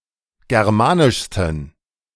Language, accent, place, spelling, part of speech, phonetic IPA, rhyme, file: German, Germany, Berlin, germanischsten, adjective, [ˌɡɛʁˈmaːnɪʃstn̩], -aːnɪʃstn̩, De-germanischsten.ogg
- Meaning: 1. superlative degree of germanisch 2. inflection of germanisch: strong genitive masculine/neuter singular superlative degree